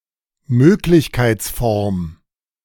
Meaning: German word for Konjunktiv – the conjunctive mode
- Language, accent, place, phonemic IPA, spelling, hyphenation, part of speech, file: German, Germany, Berlin, /ˈmøːklɪçkaɪ̯t͡sˌfɔʁm/, Möglichkeitsform, Mög‧lich‧keits‧form, noun, De-Möglichkeitsform.ogg